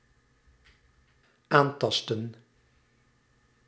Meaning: inflection of aantasten: 1. plural dependent-clause past indicative 2. plural dependent-clause past subjunctive
- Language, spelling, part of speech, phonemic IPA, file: Dutch, aantastten, verb, /ˈantɑstə(n)/, Nl-aantastten.ogg